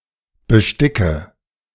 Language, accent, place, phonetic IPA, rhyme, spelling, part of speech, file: German, Germany, Berlin, [bəˈʃtɪkə], -ɪkə, besticke, verb, De-besticke.ogg
- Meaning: inflection of besticken: 1. first-person singular present 2. first/third-person singular subjunctive I 3. singular imperative